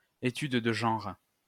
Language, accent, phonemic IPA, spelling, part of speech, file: French, France, /e.tyd də ʒɑ̃ʁ/, études de genre, noun, LL-Q150 (fra)-études de genre.wav
- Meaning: gender studies